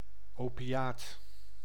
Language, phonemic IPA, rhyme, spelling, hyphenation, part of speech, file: Dutch, /oːpiˈjaːt/, -aːt, opiaat, opi‧aat, noun, Nl-opiaat.ogg
- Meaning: opiate (drug, hormone or other substance derived from or related to opium)